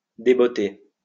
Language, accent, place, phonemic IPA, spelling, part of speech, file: French, France, Lyon, /de.bɔ.te/, débotté, verb, LL-Q150 (fra)-débotté.wav
- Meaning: past participle of débotter